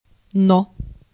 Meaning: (conjunction) but, yet; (noun) 1. but 2. Noh; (interjection) same as но́-о-о (nó-o-o)
- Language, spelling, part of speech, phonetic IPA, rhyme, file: Russian, но, conjunction / noun / interjection, [no], -o, Ru-но.ogg